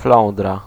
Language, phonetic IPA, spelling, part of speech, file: Polish, [ˈflɔ̃ndra], flądra, noun, Pl-flądra.ogg